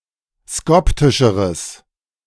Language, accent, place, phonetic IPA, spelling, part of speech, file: German, Germany, Berlin, [ˈskɔptɪʃəʁəs], skoptischeres, adjective, De-skoptischeres.ogg
- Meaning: strong/mixed nominative/accusative neuter singular comparative degree of skoptisch